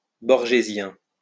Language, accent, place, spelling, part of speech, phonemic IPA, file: French, France, Lyon, borgésien, adjective, /bɔʁ.ʒe.zjɛ̃/, LL-Q150 (fra)-borgésien.wav
- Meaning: of Jorge Luis Borges; Borgesian